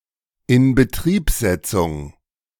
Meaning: commissioning of a facility
- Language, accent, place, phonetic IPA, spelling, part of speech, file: German, Germany, Berlin, [ɪnbəˈtʁiːpˌzɛt͡sʊŋ], Inbetriebsetzung, noun, De-Inbetriebsetzung.ogg